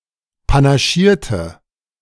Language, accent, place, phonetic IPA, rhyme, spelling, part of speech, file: German, Germany, Berlin, [panaˈʃiːɐ̯tə], -iːɐ̯tə, panaschierte, adjective / verb, De-panaschierte.ogg
- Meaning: inflection of panaschieren: 1. first/third-person singular preterite 2. first/third-person singular subjunctive II